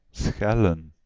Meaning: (verb) 1. to peel 2. to be peeled; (noun) plural of schel; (verb) 1. to ring a bell 2. to summon by ringing a bell 3. to make the sound of a bell
- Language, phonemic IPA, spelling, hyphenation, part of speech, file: Dutch, /ˈsxɛ.lə(n)/, schellen, schel‧len, verb / noun, Nl-schellen.ogg